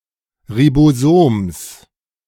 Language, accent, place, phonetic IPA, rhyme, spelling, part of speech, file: German, Germany, Berlin, [ʁiboˈzoːms], -oːms, Ribosoms, noun, De-Ribosoms.ogg
- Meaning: genitive singular of Ribosom